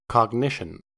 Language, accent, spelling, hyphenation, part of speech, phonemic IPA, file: English, US, cognition, cog‧ni‧tion, noun, /kɔɡˈnɪʃ.ən/, En-us-cognition.ogg
- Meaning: 1. The process of knowing, of acquiring knowledge and understanding through thought and through the senses 2. A result of a cognitive process 3. Knowledge; awareness